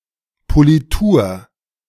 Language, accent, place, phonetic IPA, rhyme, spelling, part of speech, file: German, Germany, Berlin, [poliˈtuːɐ̯], -uːɐ̯, Politur, noun, De-Politur.ogg
- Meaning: 1. polishing 2. sheen 3. polish